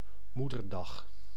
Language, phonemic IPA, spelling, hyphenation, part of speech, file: Dutch, /ˈmu.dərˌdɑx/, Moederdag, Moe‧der‧dag, noun, Nl-Moederdag.ogg
- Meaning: Mother's Day, a day (in May) in informal celebration of mothers and motherhood